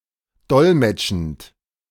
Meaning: present participle of dolmetschen
- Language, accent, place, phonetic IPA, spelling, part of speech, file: German, Germany, Berlin, [ˈdɔlmɛt͡ʃn̩t], dolmetschend, verb, De-dolmetschend.ogg